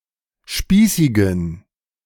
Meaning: inflection of spießig: 1. strong genitive masculine/neuter singular 2. weak/mixed genitive/dative all-gender singular 3. strong/weak/mixed accusative masculine singular 4. strong dative plural
- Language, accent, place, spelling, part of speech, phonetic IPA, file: German, Germany, Berlin, spießigen, adjective, [ˈʃpiːsɪɡn̩], De-spießigen.ogg